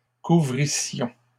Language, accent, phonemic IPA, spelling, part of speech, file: French, Canada, /ku.vʁi.sjɔ̃/, couvrissions, verb, LL-Q150 (fra)-couvrissions.wav
- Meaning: first-person plural imperfect subjunctive of couvrir